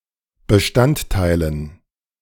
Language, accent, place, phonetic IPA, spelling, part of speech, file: German, Germany, Berlin, [bəˈʃtantˌtaɪ̯lən], Bestandteilen, noun, De-Bestandteilen.ogg
- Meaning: dative plural of Bestandteil